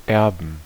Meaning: to inherit (as a bequest or by genetics)
- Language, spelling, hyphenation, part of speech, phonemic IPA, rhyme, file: German, erben, er‧ben, verb, /ˈɛʁbn̩/, -ɛʁbn̩, De-erben.ogg